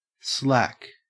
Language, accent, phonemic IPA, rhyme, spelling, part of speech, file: English, Australia, /slæk/, -æk, slack, noun / adjective / adverb / verb, En-au-slack.ogg
- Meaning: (noun) 1. The part of anything that hangs loose, having no strain upon it 2. A dip in a surface 3. In particular, a shallow dell or hollow; a dip in the surface of terrain, such as between hills